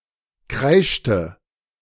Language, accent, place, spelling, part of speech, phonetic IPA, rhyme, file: German, Germany, Berlin, kreischte, verb, [ˈkʁaɪ̯ʃtə], -aɪ̯ʃtə, De-kreischte.ogg
- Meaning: inflection of kreischen: 1. first/third-person singular preterite 2. first/third-person singular subjunctive II